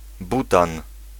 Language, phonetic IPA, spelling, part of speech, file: Polish, [ˈbutãn], butan, noun, Pl-butan.ogg